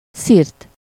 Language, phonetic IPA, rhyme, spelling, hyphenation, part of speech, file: Hungarian, [ˈsirt], -irt, szirt, szirt, noun, Hu-szirt.ogg
- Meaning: 1. cliff, crag (a steep rock without vegetation) 2. reef (rocky shoal)